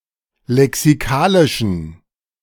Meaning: inflection of lexikalisch: 1. strong genitive masculine/neuter singular 2. weak/mixed genitive/dative all-gender singular 3. strong/weak/mixed accusative masculine singular 4. strong dative plural
- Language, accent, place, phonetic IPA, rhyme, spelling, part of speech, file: German, Germany, Berlin, [lɛksiˈkaːlɪʃn̩], -aːlɪʃn̩, lexikalischen, adjective, De-lexikalischen.ogg